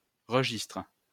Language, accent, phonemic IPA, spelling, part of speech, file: French, France, /ʁə.ʒistʁ/, registre, noun, LL-Q150 (fra)-registre.wav
- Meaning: 1. register (official book) 2. level, category 3. record, log 4. range, register 5. organ stop 6. registry